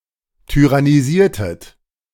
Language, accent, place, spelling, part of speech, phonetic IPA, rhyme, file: German, Germany, Berlin, tyrannisiertet, verb, [tyʁaniˈziːɐ̯tət], -iːɐ̯tət, De-tyrannisiertet.ogg
- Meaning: inflection of tyrannisieren: 1. second-person plural preterite 2. second-person plural subjunctive II